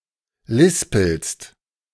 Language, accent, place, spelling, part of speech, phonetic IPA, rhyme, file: German, Germany, Berlin, lispelst, verb, [ˈlɪspl̩st], -ɪspl̩st, De-lispelst.ogg
- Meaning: second-person singular present of lispeln